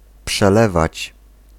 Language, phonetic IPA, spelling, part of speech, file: Polish, [pʃɛˈlɛvat͡ɕ], przelewać, verb, Pl-przelewać.ogg